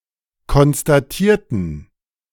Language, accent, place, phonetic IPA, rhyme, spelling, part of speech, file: German, Germany, Berlin, [kɔnstaˈtiːɐ̯tn̩], -iːɐ̯tn̩, konstatierten, adjective / verb, De-konstatierten.ogg
- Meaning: inflection of konstatieren: 1. first/third-person plural preterite 2. first/third-person plural subjunctive II